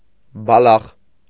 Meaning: glasswort (Salicornia), especially common glasswort (Salicornia europaea)
- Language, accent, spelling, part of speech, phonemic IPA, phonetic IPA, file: Armenian, Eastern Armenian, բալախ, noun, /bɑˈlɑχ/, [bɑlɑ́χ], Hy-բալախ.ogg